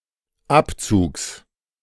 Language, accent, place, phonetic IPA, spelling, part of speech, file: German, Germany, Berlin, [ˈapˌt͡suːks], Abzugs, noun, De-Abzugs.ogg
- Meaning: genitive singular of Abzug